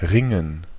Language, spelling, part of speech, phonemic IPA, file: German, Ringen, noun, /ˈʁɪŋən/, De-Ringen.ogg
- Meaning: 1. gerund of ringen 2. (olympic) wrestling